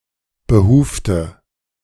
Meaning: inflection of behuft: 1. strong/mixed nominative/accusative feminine singular 2. strong nominative/accusative plural 3. weak nominative all-gender singular 4. weak accusative feminine/neuter singular
- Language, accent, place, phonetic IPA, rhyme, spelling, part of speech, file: German, Germany, Berlin, [bəˈhuːftə], -uːftə, behufte, adjective / verb, De-behufte.ogg